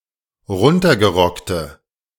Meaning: inflection of runtergerockt: 1. strong/mixed nominative/accusative feminine singular 2. strong nominative/accusative plural 3. weak nominative all-gender singular
- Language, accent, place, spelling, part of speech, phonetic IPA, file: German, Germany, Berlin, runtergerockte, adjective, [ˈʁʊntɐɡəˌʁɔktə], De-runtergerockte.ogg